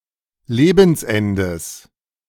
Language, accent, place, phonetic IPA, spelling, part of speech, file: German, Germany, Berlin, [ˈleːbn̩sˌʔɛndəs], Lebensendes, noun, De-Lebensendes.ogg
- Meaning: genitive singular of Lebensende